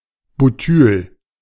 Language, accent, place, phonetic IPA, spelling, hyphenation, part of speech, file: German, Germany, Berlin, [buˈtyːl], Butyl, Bu‧tyl, noun, De-Butyl.ogg
- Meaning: butyl